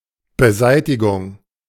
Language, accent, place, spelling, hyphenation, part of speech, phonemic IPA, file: German, Germany, Berlin, Beseitigung, Be‧sei‧ti‧gung, noun, /bəˈzaɪ̯tɪɡʊŋ/, De-Beseitigung.ogg
- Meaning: disposal, elimination, removal